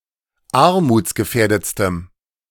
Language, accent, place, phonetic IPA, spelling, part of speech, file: German, Germany, Berlin, [ˈaʁmuːt͡sɡəˌfɛːɐ̯dət͡stəm], armutsgefährdetstem, adjective, De-armutsgefährdetstem.ogg
- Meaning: strong dative masculine/neuter singular superlative degree of armutsgefährdet